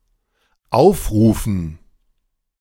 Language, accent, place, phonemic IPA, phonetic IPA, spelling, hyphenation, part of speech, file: German, Germany, Berlin, /ˈaʊ̯fˌʁuːfən/, [ˈʔaʊ̯fˌʁuːfn̩], aufrufen, auf‧ru‧fen, verb, De-aufrufen.ogg
- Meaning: 1. to call on people to do something, to call for 2. to call up (display data or a file on the screen) 3. to call (a function)